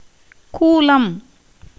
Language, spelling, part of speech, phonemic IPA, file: Tamil, கூலம், noun, /kuːlɐm/, Ta-கூலம்.ogg
- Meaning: grain